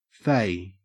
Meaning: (verb) 1. To fit, to add 2. To join (pieces of timber) tightly. The long edges of the staves of a barrel have to be fayed so that when it is assembled it will not leak
- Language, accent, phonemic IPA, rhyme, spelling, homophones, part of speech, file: English, Australia, /feɪ/, -eɪ, fay, fey, verb / adjective / noun, En-au-fay.ogg